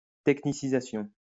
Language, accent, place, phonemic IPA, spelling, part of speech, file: French, France, Lyon, /tɛk.ni.si.za.sjɔ̃/, technicisation, noun, LL-Q150 (fra)-technicisation.wav
- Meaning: an increase in the use of technology